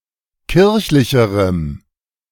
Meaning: strong dative masculine/neuter singular comparative degree of kirchlich
- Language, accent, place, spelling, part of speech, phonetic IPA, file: German, Germany, Berlin, kirchlicherem, adjective, [ˈkɪʁçlɪçəʁəm], De-kirchlicherem.ogg